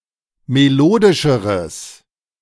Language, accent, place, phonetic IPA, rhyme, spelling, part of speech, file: German, Germany, Berlin, [meˈloːdɪʃəʁəs], -oːdɪʃəʁəs, melodischeres, adjective, De-melodischeres.ogg
- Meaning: strong/mixed nominative/accusative neuter singular comparative degree of melodisch